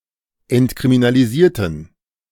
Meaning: inflection of entkriminalisieren: 1. first/third-person plural preterite 2. first/third-person plural subjunctive II
- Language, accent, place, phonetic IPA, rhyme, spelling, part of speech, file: German, Germany, Berlin, [ɛntkʁiminaliˈziːɐ̯tn̩], -iːɐ̯tn̩, entkriminalisierten, adjective / verb, De-entkriminalisierten.ogg